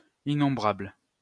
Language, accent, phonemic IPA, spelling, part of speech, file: French, France, /i.nɔ̃.bʁabl/, innombrable, adjective, LL-Q150 (fra)-innombrable.wav
- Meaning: innumerable, countless